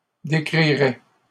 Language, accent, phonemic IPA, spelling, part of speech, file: French, Canada, /de.kʁi.ʁɛ/, décrirais, verb, LL-Q150 (fra)-décrirais.wav
- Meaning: first/second-person singular conditional of décrire